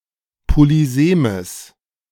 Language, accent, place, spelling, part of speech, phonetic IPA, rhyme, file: German, Germany, Berlin, polysemes, adjective, [poliˈzeːməs], -eːməs, De-polysemes.ogg
- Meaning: strong/mixed nominative/accusative neuter singular of polysem